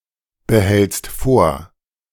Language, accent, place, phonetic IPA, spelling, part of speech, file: German, Germany, Berlin, [bəˌhɛlt͡st ˈfoːɐ̯], behältst vor, verb, De-behältst vor.ogg
- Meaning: second-person singular present of vorbehalten